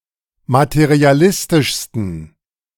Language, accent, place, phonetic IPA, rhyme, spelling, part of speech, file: German, Germany, Berlin, [matəʁiaˈlɪstɪʃstn̩], -ɪstɪʃstn̩, materialistischsten, adjective, De-materialistischsten.ogg
- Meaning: 1. superlative degree of materialistisch 2. inflection of materialistisch: strong genitive masculine/neuter singular superlative degree